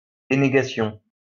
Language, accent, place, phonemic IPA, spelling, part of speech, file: French, France, Lyon, /de.ne.ɡa.sjɔ̃/, dénégation, noun, LL-Q150 (fra)-dénégation.wav
- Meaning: 1. denial 2. disclaimer